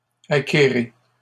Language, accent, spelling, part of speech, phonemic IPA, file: French, Canada, acquérez, verb, /a.ke.ʁe/, LL-Q150 (fra)-acquérez.wav
- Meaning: inflection of acquérir: 1. second-person plural present indicative 2. second-person plural imperative